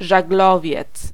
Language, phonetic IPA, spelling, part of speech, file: Polish, [ʒaɡˈlɔvʲjɛt͡s], żaglowiec, noun, Pl-żaglowiec.ogg